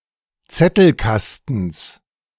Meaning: genitive singular of Zettelkasten
- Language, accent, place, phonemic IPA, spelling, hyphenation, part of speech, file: German, Germany, Berlin, /ˈt͡sɛtl̩ˌˈkastn̩s/, Zettelkastens, Zet‧tel‧kas‧tens, noun, De-Zettelkastens.ogg